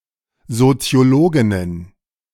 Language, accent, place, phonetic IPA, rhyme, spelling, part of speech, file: German, Germany, Berlin, [zot͡si̯oˈloːɡɪnən], -oːɡɪnən, Soziologinnen, noun, De-Soziologinnen.ogg
- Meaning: plural of Soziologin